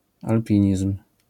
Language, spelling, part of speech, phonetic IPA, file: Polish, alpinizm, noun, [alˈpʲĩɲism̥], LL-Q809 (pol)-alpinizm.wav